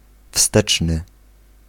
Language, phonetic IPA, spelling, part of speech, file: Polish, [ˈfstɛt͡ʃnɨ], wsteczny, adjective / noun, Pl-wsteczny.ogg